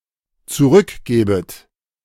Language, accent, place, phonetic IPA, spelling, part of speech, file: German, Germany, Berlin, [t͡suˈʁʏkˌɡeːbət], zurückgebet, verb, De-zurückgebet.ogg
- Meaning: second-person plural dependent subjunctive I of zurückgeben